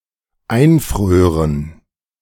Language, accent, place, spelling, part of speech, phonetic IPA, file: German, Germany, Berlin, einfrören, verb, [ˈaɪ̯nˌfʁøːʁən], De-einfrören.ogg
- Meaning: first/third-person plural dependent subjunctive II of einfrieren